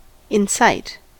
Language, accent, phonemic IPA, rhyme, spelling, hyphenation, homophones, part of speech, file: English, US, /ɪnˈsaɪt/, -aɪt, incite, in‧cite, insight, verb, En-us-incite.ogg
- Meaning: 1. To call into action 2. To entreat an act 3. To instigate a specific incident